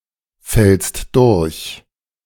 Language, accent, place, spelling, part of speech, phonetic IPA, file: German, Germany, Berlin, fällst durch, verb, [fɛlst ˈdʊʁç], De-fällst durch.ogg
- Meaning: second-person singular present of durchfallen